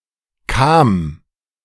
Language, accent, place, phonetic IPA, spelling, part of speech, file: German, Germany, Berlin, [kaːm], kam, verb, De-kam.ogg
- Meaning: first/third-person singular preterite of kommen